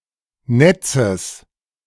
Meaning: genitive singular of Netz
- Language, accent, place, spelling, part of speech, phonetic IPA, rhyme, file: German, Germany, Berlin, Netzes, noun, [ˈnɛt͡səs], -ɛt͡səs, De-Netzes.ogg